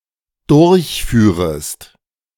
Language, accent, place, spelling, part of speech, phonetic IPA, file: German, Germany, Berlin, durchführest, verb, [ˈdʊʁçˌfyːʁəst], De-durchführest.ogg
- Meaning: second-person singular dependent subjunctive II of durchfahren